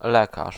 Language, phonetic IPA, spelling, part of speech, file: Polish, [ˈlɛkaʃ], lekarz, noun, Pl-lekarz.ogg